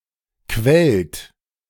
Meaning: inflection of quellen: 1. second-person plural present 2. plural imperative
- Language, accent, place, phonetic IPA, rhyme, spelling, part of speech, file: German, Germany, Berlin, [kvɛlt], -ɛlt, quellt, verb, De-quellt.ogg